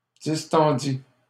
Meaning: first/second-person singular past historic of distendre
- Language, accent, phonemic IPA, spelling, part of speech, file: French, Canada, /dis.tɑ̃.di/, distendis, verb, LL-Q150 (fra)-distendis.wav